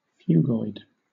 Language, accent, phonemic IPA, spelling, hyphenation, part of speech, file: English, Southern England, /ˈfjuːɡɔɪd/, phugoid, phug‧oid, adjective / noun, LL-Q1860 (eng)-phugoid.wav